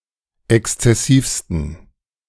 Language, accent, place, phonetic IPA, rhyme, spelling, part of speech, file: German, Germany, Berlin, [ˌɛkst͡sɛˈsiːfstn̩], -iːfstn̩, exzessivsten, adjective, De-exzessivsten.ogg
- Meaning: 1. superlative degree of exzessiv 2. inflection of exzessiv: strong genitive masculine/neuter singular superlative degree